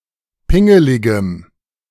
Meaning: strong dative masculine/neuter singular of pingelig
- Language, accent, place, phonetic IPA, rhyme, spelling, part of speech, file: German, Germany, Berlin, [ˈpɪŋəlɪɡəm], -ɪŋəlɪɡəm, pingeligem, adjective, De-pingeligem.ogg